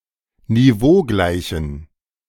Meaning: inflection of niveaugleich: 1. strong genitive masculine/neuter singular 2. weak/mixed genitive/dative all-gender singular 3. strong/weak/mixed accusative masculine singular 4. strong dative plural
- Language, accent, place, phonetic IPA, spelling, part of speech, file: German, Germany, Berlin, [niˈvoːˌɡlaɪ̯çn̩], niveaugleichen, adjective, De-niveaugleichen.ogg